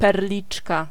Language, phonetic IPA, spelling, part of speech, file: Polish, [pɛrˈlʲit͡ʃka], perliczka, noun, Pl-perliczka.ogg